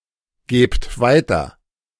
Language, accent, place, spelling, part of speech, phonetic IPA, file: German, Germany, Berlin, gebt weiter, verb, [ˌɡeːpt ˈvaɪ̯tɐ], De-gebt weiter.ogg
- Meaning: inflection of weitergeben: 1. second-person plural present 2. plural imperative